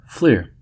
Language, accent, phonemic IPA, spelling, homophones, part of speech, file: English, US, /flɪɚ/, fleer, flair, verb / noun, En-us-fleer.ogg
- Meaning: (verb) 1. To make a wry face in contempt, or to grin in scorn 2. To grin with an air of civility; to leer; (noun) Mockery; derision